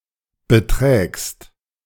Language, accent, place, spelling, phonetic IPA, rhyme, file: German, Germany, Berlin, beträgst, [bəˈtʁɛːkst], -ɛːkst, De-beträgst.ogg
- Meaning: second-person singular present of betragen